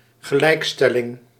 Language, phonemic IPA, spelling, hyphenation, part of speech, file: Dutch, /ɣəˈlɛi̯kˌstɛ.lɪŋ/, gelijkstelling, ge‧lijk‧stel‧ling, noun, Nl-gelijkstelling.ogg
- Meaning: legal equality, legal emancipation